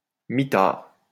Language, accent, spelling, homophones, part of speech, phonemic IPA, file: French, France, mitard, mitards, noun, /mi.taʁ/, LL-Q150 (fra)-mitard.wav
- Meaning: hole (place where a prisoner is kept in solitary confinement)